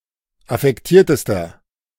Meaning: inflection of affektiert: 1. strong/mixed nominative masculine singular superlative degree 2. strong genitive/dative feminine singular superlative degree 3. strong genitive plural superlative degree
- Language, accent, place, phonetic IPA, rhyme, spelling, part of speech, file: German, Germany, Berlin, [afɛkˈtiːɐ̯təstɐ], -iːɐ̯təstɐ, affektiertester, adjective, De-affektiertester.ogg